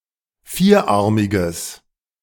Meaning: inflection of vierarmig: 1. strong/mixed nominative masculine singular 2. strong genitive/dative feminine singular 3. strong genitive plural
- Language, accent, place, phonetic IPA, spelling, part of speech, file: German, Germany, Berlin, [ˈfiːɐ̯ˌʔaʁmɪɡɐ], vierarmiger, adjective, De-vierarmiger.ogg